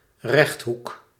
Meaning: 1. rectangle 2. right angle
- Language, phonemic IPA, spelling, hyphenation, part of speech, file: Dutch, /ˈrɛxt.ɦuk/, rechthoek, recht‧hoek, noun, Nl-rechthoek.ogg